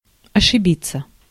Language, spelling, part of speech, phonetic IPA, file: Russian, ошибиться, verb, [ɐʂɨˈbʲit͡sːə], Ru-ошибиться.ogg
- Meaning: to make a mistake, to err